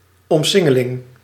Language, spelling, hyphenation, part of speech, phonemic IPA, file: Dutch, omsingeling, om‧sin‧ge‧ling, noun, /ˌɔmˈsɪ.ŋə.lɪŋ/, Nl-omsingeling.ogg
- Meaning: encirclement, the act of surrounding